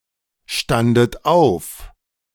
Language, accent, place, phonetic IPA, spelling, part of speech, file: German, Germany, Berlin, [ˌʃtandət ˈaʊ̯f], standet auf, verb, De-standet auf.ogg
- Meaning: second-person plural preterite of aufstehen